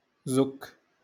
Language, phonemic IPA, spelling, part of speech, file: Moroccan Arabic, /zukk/, زك, noun, LL-Q56426 (ary)-زك.wav
- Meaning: ass